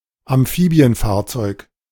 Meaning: duck (amphibious vehicle)
- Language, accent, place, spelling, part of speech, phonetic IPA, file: German, Germany, Berlin, Amphibienfahrzeug, noun, [amˈfiːbi̯ənˌfaːɐ̯t͡sɔɪ̯k], De-Amphibienfahrzeug.ogg